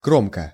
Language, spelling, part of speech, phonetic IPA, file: Russian, кромка, noun, [ˈkromkə], Ru-кромка.ogg
- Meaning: edge, ridge